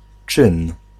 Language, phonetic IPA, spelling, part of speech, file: Polish, [t͡ʃɨ̃n], czyn, noun, Pl-czyn.ogg